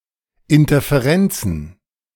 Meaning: plural of Interferenz
- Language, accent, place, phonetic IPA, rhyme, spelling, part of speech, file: German, Germany, Berlin, [ɪntɐfeˈʁɛnt͡sn̩], -ɛnt͡sn̩, Interferenzen, noun, De-Interferenzen.ogg